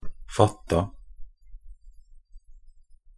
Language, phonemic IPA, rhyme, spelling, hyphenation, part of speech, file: Norwegian Bokmål, /ˈfatːa/, -atːa, fatta, fat‧ta, verb, Nb-fatta.ogg
- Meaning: simple past and past participle of fatte